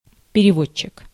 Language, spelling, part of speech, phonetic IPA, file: Russian, переводчик, noun, [pʲɪrʲɪˈvot͡ɕːɪk], Ru-переводчик.ogg
- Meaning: 1. translator 2. interpreter